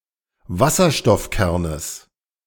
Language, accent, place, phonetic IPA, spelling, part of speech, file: German, Germany, Berlin, [ˈvasɐʃtɔfˌkɛʁnəs], Wasserstoffkernes, noun, De-Wasserstoffkernes.ogg
- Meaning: genitive singular of Wasserstoffkern